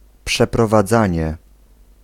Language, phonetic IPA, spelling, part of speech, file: Polish, [ˌpʃɛprɔvaˈd͡zãɲɛ], przeprowadzanie, noun, Pl-przeprowadzanie.ogg